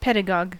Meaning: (noun) A teacher or instructor of children; one whose occupation is to teach the young
- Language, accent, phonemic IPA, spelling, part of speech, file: English, US, /ˈpɛdəɡɒɡ/, pedagogue, noun / verb, En-us-pedagogue.ogg